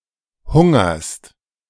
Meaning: second-person singular present of hungern
- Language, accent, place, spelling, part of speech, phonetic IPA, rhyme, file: German, Germany, Berlin, hungerst, verb, [ˈhʊŋɐst], -ʊŋɐst, De-hungerst.ogg